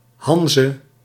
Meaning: Hanseatic League (trading network and interest group of the northern Holy Roman Empire and nearby lands)
- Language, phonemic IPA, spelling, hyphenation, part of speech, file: Dutch, /ˈɦɑn.zə/, Hanze, Han‧ze, proper noun, Nl-Hanze.ogg